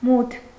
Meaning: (adjective) 1. dark; unlit 2. incomprehensible, unknowable; doubtful, uncertain 3. gloomy, dismal, glum; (noun) darkness
- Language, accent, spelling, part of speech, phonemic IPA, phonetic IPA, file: Armenian, Eastern Armenian, մութ, adjective / noun, /mutʰ/, [mutʰ], Hy-մութ.ogg